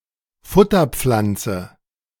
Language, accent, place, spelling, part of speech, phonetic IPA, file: German, Germany, Berlin, Futterpflanze, noun, [ˈfʊtɐˌp͡flant͡sə], De-Futterpflanze.ogg
- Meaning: forage / fodder crop / plant